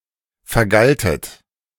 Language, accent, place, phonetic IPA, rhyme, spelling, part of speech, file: German, Germany, Berlin, [fɛɐ̯ˈɡaltət], -altət, vergaltet, verb, De-vergaltet.ogg
- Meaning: second-person plural preterite of vergelten